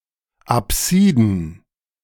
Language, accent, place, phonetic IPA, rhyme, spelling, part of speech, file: German, Germany, Berlin, [aˈpsiːdn̩], -iːdn̩, Apsiden, noun, De-Apsiden.ogg
- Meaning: plural of Apsis